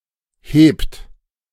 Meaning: inflection of heben: 1. third-person singular present 2. second-person plural present 3. plural imperative
- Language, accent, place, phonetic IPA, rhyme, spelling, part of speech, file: German, Germany, Berlin, [heːpt], -eːpt, hebt, verb, De-hebt.ogg